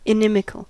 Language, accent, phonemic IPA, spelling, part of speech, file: English, US, /ɪˈnɪ.mɪ.kəl/, inimical, adjective, En-us-inimical.ogg
- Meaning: 1. Harmful in effect 2. Unfriendly, hostile